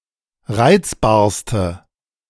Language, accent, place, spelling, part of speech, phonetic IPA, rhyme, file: German, Germany, Berlin, reizbarste, adjective, [ˈʁaɪ̯t͡sbaːɐ̯stə], -aɪ̯t͡sbaːɐ̯stə, De-reizbarste.ogg
- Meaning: inflection of reizbar: 1. strong/mixed nominative/accusative feminine singular superlative degree 2. strong nominative/accusative plural superlative degree